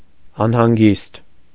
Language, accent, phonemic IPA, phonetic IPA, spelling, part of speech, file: Armenian, Eastern Armenian, /ɑnhɑnˈɡist/, [ɑnhɑŋɡíst], անհանգիստ, adjective / adverb, Hy-անհանգիստ .ogg
- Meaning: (adjective) 1. restless, unsettled, agitated 2. unquiet, anxious, emotional 3. uneasy, worried, troubled 4. worrisome, upsetting, distressing 5. sickly, unhealthy, a little sick